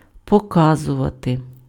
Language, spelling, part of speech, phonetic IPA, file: Ukrainian, показувати, verb, [pɔˈkazʊʋɐte], Uk-показувати.ogg
- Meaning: 1. to show 2. to display, to exhibit 3. to demonstrate 4. to indicate, to point (at/to)